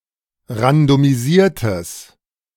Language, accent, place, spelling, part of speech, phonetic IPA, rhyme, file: German, Germany, Berlin, randomisiertes, adjective, [ʁandomiˈziːɐ̯təs], -iːɐ̯təs, De-randomisiertes.ogg
- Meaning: strong/mixed nominative/accusative neuter singular of randomisiert